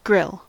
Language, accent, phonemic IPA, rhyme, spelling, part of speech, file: English, US, /ɡɹɪl/, -ɪl, grill, noun / verb / adjective, En-us-grill.ogg